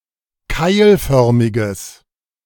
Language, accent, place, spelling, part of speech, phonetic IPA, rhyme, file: German, Germany, Berlin, keilförmiges, adjective, [ˈkaɪ̯lˌfœʁmɪɡəs], -aɪ̯lfœʁmɪɡəs, De-keilförmiges.ogg
- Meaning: strong/mixed nominative/accusative neuter singular of keilförmig